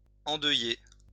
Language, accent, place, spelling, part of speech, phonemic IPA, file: French, France, Lyon, endeuiller, verb, /ɑ̃.dœ.je/, LL-Q150 (fra)-endeuiller.wav
- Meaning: to take on an air of mourning, cause to mourn